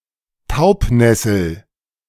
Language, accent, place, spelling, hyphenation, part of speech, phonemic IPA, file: German, Germany, Berlin, Taubnessel, Taub‧nes‧sel, noun, /ˈtaʊ̯pˌnɛsl̩/, De-Taubnessel.ogg
- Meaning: 1. deadnettle (any plant of the genius Lamium) 2. deadnettle (any plant of the genius Lamium): Galeopsis; Stachys